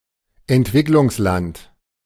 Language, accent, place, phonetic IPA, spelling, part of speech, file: German, Germany, Berlin, [ɛntˈvɪklʊŋsˌlant], Entwicklungsland, noun, De-Entwicklungsland.ogg
- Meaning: developing country